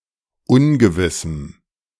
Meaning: strong dative masculine/neuter singular of ungewiss
- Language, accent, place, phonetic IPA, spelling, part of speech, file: German, Germany, Berlin, [ˈʊnɡəvɪsm̩], ungewissem, adjective, De-ungewissem.ogg